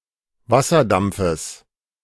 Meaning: genitive singular of Wasserdampf
- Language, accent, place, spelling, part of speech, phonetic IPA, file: German, Germany, Berlin, Wasserdampfes, noun, [ˈvasɐˌdamp͡fəs], De-Wasserdampfes.ogg